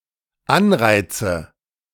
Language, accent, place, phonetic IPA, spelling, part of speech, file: German, Germany, Berlin, [ˈanˌʁaɪ̯t͡sə], Anreize, noun, De-Anreize.ogg
- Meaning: nominative/accusative/genitive plural of Anreiz